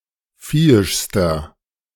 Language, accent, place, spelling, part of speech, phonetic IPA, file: German, Germany, Berlin, viehischster, adjective, [ˈfiːɪʃstɐ], De-viehischster.ogg
- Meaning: inflection of viehisch: 1. strong/mixed nominative masculine singular superlative degree 2. strong genitive/dative feminine singular superlative degree 3. strong genitive plural superlative degree